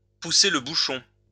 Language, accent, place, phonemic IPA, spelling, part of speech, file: French, France, Lyon, /pu.se l(ə) bu.ʃɔ̃/, pousser le bouchon, verb, LL-Q150 (fra)-pousser le bouchon.wav
- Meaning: to go too far, to cross the line